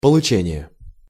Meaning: 1. receipt 2. acquisition, getting 3. reception 4. obtainment
- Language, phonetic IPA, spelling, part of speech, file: Russian, [pəɫʊˈt͡ɕenʲɪje], получение, noun, Ru-получение.ogg